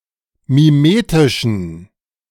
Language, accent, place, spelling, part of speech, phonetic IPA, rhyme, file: German, Germany, Berlin, mimetischen, adjective, [miˈmeːtɪʃn̩], -eːtɪʃn̩, De-mimetischen.ogg
- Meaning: inflection of mimetisch: 1. strong genitive masculine/neuter singular 2. weak/mixed genitive/dative all-gender singular 3. strong/weak/mixed accusative masculine singular 4. strong dative plural